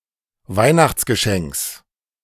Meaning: genitive of Weihnachtsgeschenk
- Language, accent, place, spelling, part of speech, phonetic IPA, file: German, Germany, Berlin, Weihnachtsgeschenks, noun, [ˈvaɪ̯naxt͡sɡəˌʃɛŋks], De-Weihnachtsgeschenks.ogg